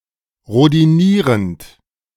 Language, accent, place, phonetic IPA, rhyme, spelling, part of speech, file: German, Germany, Berlin, [ʁodiˈniːʁənt], -iːʁənt, rhodinierend, verb, De-rhodinierend.ogg
- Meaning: present participle of rhodinieren